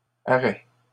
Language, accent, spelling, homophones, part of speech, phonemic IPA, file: French, Canada, arrêts, arrêt, noun, /a.ʁɛ/, LL-Q150 (fra)-arrêts.wav
- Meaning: plural of arrêt